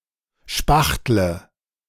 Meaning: inflection of spachteln: 1. first-person singular present 2. first/third-person singular subjunctive I 3. singular imperative
- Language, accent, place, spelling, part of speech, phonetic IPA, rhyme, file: German, Germany, Berlin, spachtle, verb, [ˈʃpaxtlə], -axtlə, De-spachtle.ogg